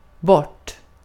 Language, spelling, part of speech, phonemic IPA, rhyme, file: Swedish, bort, adverb / verb, /bɔʈː/, -ɔʈː, Sv-bort.ogg
- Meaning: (adverb) away, off; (verb) supine of böra